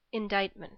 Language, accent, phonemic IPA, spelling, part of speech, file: English, US, /ɪnˈdaɪt.mənt/, indictment, noun, En-us-indictment.ogg
- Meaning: 1. An official formal accusation for a criminal offence, or the process by which it is brought to a jury 2. The official legal document outlining the charges concerned; bill of indictment